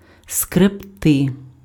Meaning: to scrape, to scrub, to scratch
- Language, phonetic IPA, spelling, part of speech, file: Ukrainian, [skrebˈtɪ], скребти, verb, Uk-скребти.ogg